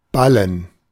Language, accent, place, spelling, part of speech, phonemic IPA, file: German, Germany, Berlin, Ballen, noun, /ˈbalən/, De-Ballen.ogg
- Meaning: 1. bale 2. ball, pad 3. gerund of ballen